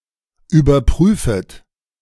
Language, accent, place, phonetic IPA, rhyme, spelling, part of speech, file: German, Germany, Berlin, [yːbɐˈpʁyːfət], -yːfət, überprüfet, verb, De-überprüfet.ogg
- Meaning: second-person plural subjunctive I of überprüfen